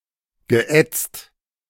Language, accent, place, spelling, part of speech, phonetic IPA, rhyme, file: German, Germany, Berlin, geätzt, verb, [ɡəˈʔɛt͡st], -ɛt͡st, De-geätzt.ogg
- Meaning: past participle of ätzen - etched